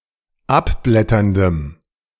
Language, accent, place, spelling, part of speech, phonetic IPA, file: German, Germany, Berlin, abblätterndem, adjective, [ˈapˌblɛtɐndəm], De-abblätterndem.ogg
- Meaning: strong dative masculine/neuter singular of abblätternd